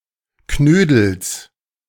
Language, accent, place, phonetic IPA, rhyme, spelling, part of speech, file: German, Germany, Berlin, [ˈknøːdl̩s], -øːdl̩s, Knödels, noun, De-Knödels.ogg
- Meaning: genitive singular of Knödel